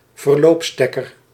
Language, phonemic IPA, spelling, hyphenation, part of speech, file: Dutch, /vərˈloːpˌstɛ.kər/, verloopstekker, ver‧loop‧stek‧ker, noun, Nl-verloopstekker.ogg
- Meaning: plug adapter